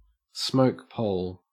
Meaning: 1. The central, vertical pole of a teepee 2. A ridgepole 3. A firearm 4. A long stick or pole with a burning tip, used to repel insects
- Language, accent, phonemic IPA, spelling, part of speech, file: English, Australia, /ˈsməʊk ˌpəʊl/, smoke pole, noun, En-au-smoke pole.ogg